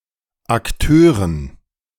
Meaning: dative plural of Akteur
- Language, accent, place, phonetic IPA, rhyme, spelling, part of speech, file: German, Germany, Berlin, [akˈtøːʁən], -øːʁən, Akteuren, noun, De-Akteuren.ogg